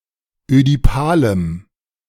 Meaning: strong dative masculine/neuter singular of ödipal
- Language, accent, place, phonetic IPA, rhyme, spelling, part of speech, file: German, Germany, Berlin, [ødiˈpaːləm], -aːləm, ödipalem, adjective, De-ödipalem.ogg